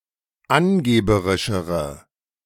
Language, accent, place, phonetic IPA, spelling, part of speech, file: German, Germany, Berlin, [ˈanˌɡeːbəʁɪʃəʁə], angeberischere, adjective, De-angeberischere.ogg
- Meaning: inflection of angeberisch: 1. strong/mixed nominative/accusative feminine singular comparative degree 2. strong nominative/accusative plural comparative degree